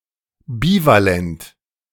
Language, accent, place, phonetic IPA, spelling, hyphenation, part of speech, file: German, Germany, Berlin, [ˈbiːvaˌlɛnt], bivalent, bi‧va‧lent, adjective, De-bivalent.ogg
- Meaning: bivalent